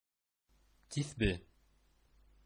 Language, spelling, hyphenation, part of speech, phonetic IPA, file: Bashkir, тиҫбе, тиҫ‧бе, noun, [tʲeθˈbɪ̞], Ba-тиҫбе.oga
- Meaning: prayer beads, rosary